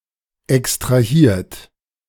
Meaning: 1. past participle of extrahieren 2. inflection of extrahieren: third-person singular present 3. inflection of extrahieren: second-person plural present 4. inflection of extrahieren: plural imperative
- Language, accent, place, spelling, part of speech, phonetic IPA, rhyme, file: German, Germany, Berlin, extrahiert, verb, [ɛkstʁaˈhiːɐ̯t], -iːɐ̯t, De-extrahiert.ogg